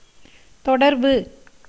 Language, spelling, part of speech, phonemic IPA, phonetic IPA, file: Tamil, தொடர்பு, noun, /t̪oɖɐɾbɯ/, [t̪o̞ɖɐɾbɯ], Ta-தொடர்பு.ogg
- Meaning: 1. contact (an establishment of communication) 2. relation, commonality, relationship